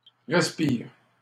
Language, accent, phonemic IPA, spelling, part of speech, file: French, Canada, /ʁɛs.piʁ/, respire, noun / verb, LL-Q150 (fra)-respire.wav
- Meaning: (noun) alternative spelling of respir; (verb) inflection of respirer: 1. first/third-person singular present indicative/subjunctive 2. second-person singular imperative